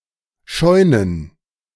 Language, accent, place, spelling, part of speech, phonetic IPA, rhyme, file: German, Germany, Berlin, Scheunen, noun, [ˈʃɔɪ̯nən], -ɔɪ̯nən, De-Scheunen.ogg
- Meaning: plural of Scheune